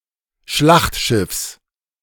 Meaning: genitive singular of Schlachtschiff
- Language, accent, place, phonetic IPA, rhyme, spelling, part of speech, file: German, Germany, Berlin, [ˈʃlaxtˌʃɪfs], -axtʃɪfs, Schlachtschiffs, noun, De-Schlachtschiffs.ogg